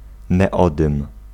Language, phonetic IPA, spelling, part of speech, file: Polish, [nɛˈɔdɨ̃m], neodym, noun, Pl-neodym.ogg